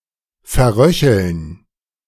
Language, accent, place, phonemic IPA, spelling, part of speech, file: German, Germany, Berlin, /fɛɐ̯ˈʁœçl̩n/, verröcheln, verb, De-verröcheln.ogg
- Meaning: to die noisily, to give the death rattle